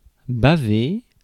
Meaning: 1. to drool, to slobber 2. to leak
- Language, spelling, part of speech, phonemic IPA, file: French, baver, verb, /ba.ve/, Fr-baver.ogg